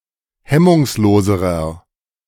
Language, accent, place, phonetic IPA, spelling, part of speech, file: German, Germany, Berlin, [ˈhɛmʊŋsˌloːzəʁɐ], hemmungsloserer, adjective, De-hemmungsloserer.ogg
- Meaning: inflection of hemmungslos: 1. strong/mixed nominative masculine singular comparative degree 2. strong genitive/dative feminine singular comparative degree 3. strong genitive plural comparative degree